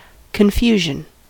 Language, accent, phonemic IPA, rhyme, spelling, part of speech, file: English, US, /kənˈfjuːʒən/, -uːʒən, confusion, noun, En-us-confusion.ogg
- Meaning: 1. A lack of clarity or order 2. The state of being confused; misunderstanding 3. The act of mistaking one thing for another or conflating distinct things 4. Lack of understanding due to dementia